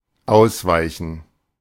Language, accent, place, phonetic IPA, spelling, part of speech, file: German, Germany, Berlin, [ˈaʊ̯sˌvaɪ̯çn̩], ausweichen, verb, De-ausweichen.ogg
- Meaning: 1. to dodge, to avoid (hitting), to (just) miss, to swerve around 2. to avoid, to keep away from, to give a wide berth to 3. to switch, to change